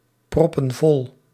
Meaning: inflection of volproppen: 1. plural present indicative 2. plural present subjunctive
- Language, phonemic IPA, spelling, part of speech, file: Dutch, /ˈprɔpə(n) ˈvɔl/, proppen vol, verb, Nl-proppen vol.ogg